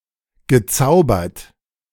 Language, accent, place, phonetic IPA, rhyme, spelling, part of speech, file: German, Germany, Berlin, [ɡəˈt͡saʊ̯bɐt], -aʊ̯bɐt, gezaubert, verb, De-gezaubert.ogg
- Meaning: past participle of zaubern